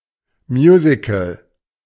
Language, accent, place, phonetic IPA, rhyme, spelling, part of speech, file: German, Germany, Berlin, [ˈmjuːzɪkl̩], -uːzɪkl̩, Musical, noun, De-Musical.ogg
- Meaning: a musical